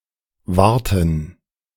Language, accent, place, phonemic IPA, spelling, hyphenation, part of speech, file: German, Germany, Berlin, /ˈvartən/, warten, war‧ten, verb, De-warten2.ogg
- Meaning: 1. to wait (for) 2. to maintain (chiefly a machine, e.g. a car or heating)